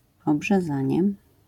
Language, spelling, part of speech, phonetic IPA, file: Polish, obrzezanie, noun, [ˌɔbʒɛˈzãɲɛ], LL-Q809 (pol)-obrzezanie.wav